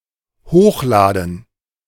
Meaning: to upload (to transfer data)
- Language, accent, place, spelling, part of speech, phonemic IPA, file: German, Germany, Berlin, hochladen, verb, /ˈhoːxlaːdn̩/, De-hochladen.ogg